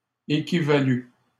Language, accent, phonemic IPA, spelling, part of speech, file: French, Canada, /e.ki.va.ly/, équivalus, verb, LL-Q150 (fra)-équivalus.wav
- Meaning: first/second-person singular past historic of équivaloir